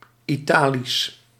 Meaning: Italic
- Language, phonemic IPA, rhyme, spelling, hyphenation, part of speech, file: Dutch, /ˌiˈtaː.lis/, -aːlis, Italisch, Ita‧lisch, adjective, Nl-Italisch.ogg